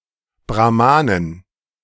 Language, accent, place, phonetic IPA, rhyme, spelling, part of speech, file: German, Germany, Berlin, [bʁaˈmaːnən], -aːnən, Brahmanen, noun, De-Brahmanen.ogg
- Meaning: plural of Brahmane